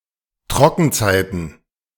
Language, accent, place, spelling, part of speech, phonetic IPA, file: German, Germany, Berlin, Trockenzeiten, noun, [ˈtʁɔkn̩ˌt͡saɪ̯tn̩], De-Trockenzeiten.ogg
- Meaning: plural of Trockenzeit